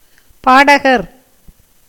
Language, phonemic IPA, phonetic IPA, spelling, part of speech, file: Tamil, /pɑːɖɐɡɐɾ/, [päːɖɐɡɐɾ], பாடகர், noun, Ta-பாடகர்.ogg
- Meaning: singer